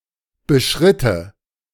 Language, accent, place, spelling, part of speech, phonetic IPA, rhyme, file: German, Germany, Berlin, beschritte, verb, [bəˈʃʁɪtə], -ɪtə, De-beschritte.ogg
- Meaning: first/third-person singular subjunctive II of beschreiten